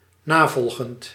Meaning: present participle of navolgen
- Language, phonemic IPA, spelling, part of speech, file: Dutch, /naˈvɔlɣənt/, navolgend, verb / adjective, Nl-navolgend.ogg